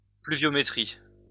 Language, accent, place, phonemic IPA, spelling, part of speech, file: French, France, Lyon, /ply.vjɔ.me.tʁi/, pluviométrie, noun, LL-Q150 (fra)-pluviométrie.wav
- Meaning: 1. pluviometry 2. rainfall